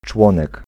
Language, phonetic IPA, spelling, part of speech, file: Polish, [ˈt͡ʃwɔ̃nɛk], członek, noun, Pl-członek.ogg